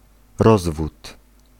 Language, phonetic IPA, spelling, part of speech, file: Polish, [ˈrɔzvut], rozwód, noun, Pl-rozwód.ogg